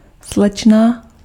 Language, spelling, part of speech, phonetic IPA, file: Czech, slečna, noun, [ˈslɛt͡ʃna], Cs-slečna.ogg
- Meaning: miss (girl)